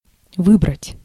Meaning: 1. to choose, to select, to pick out 2. to elect 3. to take everything out 4. to haul in (net), to pull up (anchor) 5. to find (time, suitable moment)
- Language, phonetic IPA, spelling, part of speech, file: Russian, [ˈvɨbrətʲ], выбрать, verb, Ru-выбрать.ogg